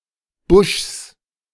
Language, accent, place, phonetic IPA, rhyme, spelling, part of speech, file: German, Germany, Berlin, [bʊʃs], -ʊʃs, Buschs, noun, De-Buschs.ogg
- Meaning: genitive singular of Busch